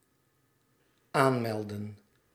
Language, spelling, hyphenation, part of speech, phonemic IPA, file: Dutch, aanmelden, aan‧mel‧den, verb, /ˈaːnˌmɛldə(n)/, Nl-aanmelden.ogg
- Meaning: 1. to apply, to announce 2. to apply 3. to log in